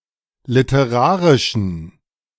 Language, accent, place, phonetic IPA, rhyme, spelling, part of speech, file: German, Germany, Berlin, [lɪtəˈʁaːʁɪʃn̩], -aːʁɪʃn̩, literarischen, adjective, De-literarischen.ogg
- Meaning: inflection of literarisch: 1. strong genitive masculine/neuter singular 2. weak/mixed genitive/dative all-gender singular 3. strong/weak/mixed accusative masculine singular 4. strong dative plural